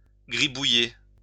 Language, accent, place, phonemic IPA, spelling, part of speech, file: French, France, Lyon, /ɡʁi.bu.je/, gribouiller, verb, LL-Q150 (fra)-gribouiller.wav
- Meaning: 1. to scribble (write something scruffily) 2. to doodle (to draw or scribble aimlessly) 3. to scribble on (cover with messy writing)